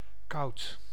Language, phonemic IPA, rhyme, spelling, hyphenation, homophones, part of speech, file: Dutch, /kɑu̯t/, -ɑu̯t, koud, koud, kout / kauwt, adjective, Nl-koud.ogg
- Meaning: 1. cold (temperature) 2. cold (unfriendly) 3. bad, insignificant